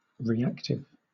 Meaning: 1. That reacts or responds to a stimulus 2. That readily takes part in reactions 3. Characterized by induction or capacitance rather than resistance
- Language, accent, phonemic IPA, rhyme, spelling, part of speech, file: English, Southern England, /ɹiːˈæktɪv/, -æktɪv, reactive, adjective, LL-Q1860 (eng)-reactive.wav